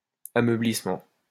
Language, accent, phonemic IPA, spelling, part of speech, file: French, France, /a.mœ.blis.mɑ̃/, ameublissement, noun, LL-Q150 (fra)-ameublissement.wav
- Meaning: softening